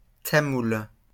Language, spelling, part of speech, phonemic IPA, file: French, Tamoul, noun, /ta.mul/, LL-Q150 (fra)-Tamoul.wav
- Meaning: Tamil